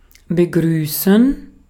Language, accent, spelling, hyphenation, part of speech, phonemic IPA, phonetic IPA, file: German, Austria, begrüßen, be‧grü‧ßen, verb, /bəˈɡʁyːsən/, [bəˈɡʁyːsn̩], De-at-begrüßen.ogg
- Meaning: to welcome